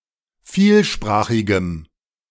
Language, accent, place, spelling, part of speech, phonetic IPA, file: German, Germany, Berlin, vielsprachigem, adjective, [ˈfiːlˌʃpʁaːxɪɡəm], De-vielsprachigem.ogg
- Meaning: strong dative masculine/neuter singular of vielsprachig